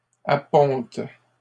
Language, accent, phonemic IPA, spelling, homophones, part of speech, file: French, Canada, /a.pɔ̃t/, apponte, appontent / appontes, verb, LL-Q150 (fra)-apponte.wav
- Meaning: inflection of apponter: 1. first/third-person singular present indicative/subjunctive 2. second-person singular imperative